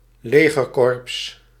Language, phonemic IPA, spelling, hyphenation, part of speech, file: Dutch, /ˈleː.ɣərˌkɔrps/, legerkorps, le‧ger‧korps, noun, Nl-legerkorps.ogg
- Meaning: an army corps